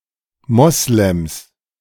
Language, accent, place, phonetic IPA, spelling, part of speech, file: German, Germany, Berlin, [ˈmɔslɛms], Moslems, noun, De-Moslems.ogg
- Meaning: 1. genitive singular of Moslem 2. plural of Moslem